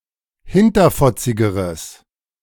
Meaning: strong/mixed nominative/accusative neuter singular comparative degree of hinterfotzig
- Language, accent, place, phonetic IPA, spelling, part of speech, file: German, Germany, Berlin, [ˈhɪntɐfɔt͡sɪɡəʁəs], hinterfotzigeres, adjective, De-hinterfotzigeres.ogg